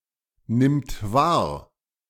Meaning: third-person singular present of wahrnehmen
- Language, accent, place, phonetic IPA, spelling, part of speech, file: German, Germany, Berlin, [ˌnɪmt ˈvaːɐ̯], nimmt wahr, verb, De-nimmt wahr.ogg